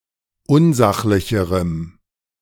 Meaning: strong dative masculine/neuter singular comparative degree of unsachlich
- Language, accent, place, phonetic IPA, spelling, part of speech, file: German, Germany, Berlin, [ˈʊnˌzaxlɪçəʁəm], unsachlicherem, adjective, De-unsachlicherem.ogg